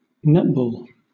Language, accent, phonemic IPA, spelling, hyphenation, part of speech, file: English, Southern England, /ˈnɛtbɔːl/, netball, net‧ball, noun, LL-Q1860 (eng)-netball.wav